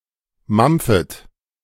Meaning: second-person plural subjunctive I of mampfen
- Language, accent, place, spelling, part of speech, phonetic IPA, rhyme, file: German, Germany, Berlin, mampfet, verb, [ˈmamp͡fət], -amp͡fət, De-mampfet.ogg